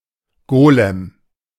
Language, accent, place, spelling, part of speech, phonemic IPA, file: German, Germany, Berlin, Golem, noun, /ˈɡoːlɛm/, De-Golem.ogg
- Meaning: golem (creature from clay)